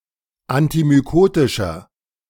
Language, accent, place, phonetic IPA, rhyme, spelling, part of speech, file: German, Germany, Berlin, [antimyˈkoːtɪʃɐ], -oːtɪʃɐ, antimykotischer, adjective, De-antimykotischer.ogg
- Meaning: inflection of antimykotisch: 1. strong/mixed nominative masculine singular 2. strong genitive/dative feminine singular 3. strong genitive plural